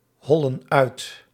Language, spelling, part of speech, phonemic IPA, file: Dutch, hollen uit, verb, /ˈhɔlə(n) ˈœyt/, Nl-hollen uit.ogg
- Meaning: inflection of uithollen: 1. plural present indicative 2. plural present subjunctive